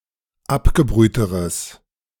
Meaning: strong/mixed nominative/accusative neuter singular comparative degree of abgebrüht
- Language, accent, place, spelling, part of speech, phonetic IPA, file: German, Germany, Berlin, abgebrühteres, adjective, [ˈapɡəˌbʁyːtəʁəs], De-abgebrühteres.ogg